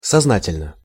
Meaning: consciously (in a conscious manner; knowingly, volitionally)
- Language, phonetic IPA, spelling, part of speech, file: Russian, [sɐzˈnatʲɪlʲnə], сознательно, adverb, Ru-сознательно.ogg